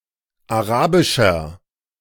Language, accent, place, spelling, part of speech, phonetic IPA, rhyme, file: German, Germany, Berlin, arabischer, adjective, [aˈʁaːbɪʃɐ], -aːbɪʃɐ, De-arabischer.ogg
- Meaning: inflection of arabisch: 1. strong/mixed nominative masculine singular 2. strong genitive/dative feminine singular 3. strong genitive plural